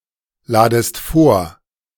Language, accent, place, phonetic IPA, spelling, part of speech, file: German, Germany, Berlin, [ˌlaːdəst ˈfoːɐ̯], ladest vor, verb, De-ladest vor.ogg
- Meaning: second-person singular subjunctive I of vorladen